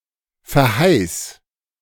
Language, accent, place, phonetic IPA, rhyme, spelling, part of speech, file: German, Germany, Berlin, [fɛɐ̯ˈhaɪ̯st], -aɪ̯st, verheißt, verb, De-verheißt.ogg
- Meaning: inflection of verheißen: 1. second-person plural present 2. plural imperative